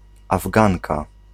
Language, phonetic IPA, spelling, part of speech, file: Polish, [avˈɡãŋka], Afganka, noun, Pl-Afganka.ogg